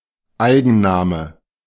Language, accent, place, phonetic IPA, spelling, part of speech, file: German, Germany, Berlin, [ˈaɪ̯ɡn̩ˌnaːmə], Eigenname, noun, De-Eigenname.ogg
- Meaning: proper noun